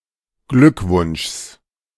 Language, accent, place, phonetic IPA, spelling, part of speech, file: German, Germany, Berlin, [ˈɡlʏkˌvʊnʃs], Glückwunschs, noun, De-Glückwunschs.ogg
- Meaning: genitive singular of Glückwunsch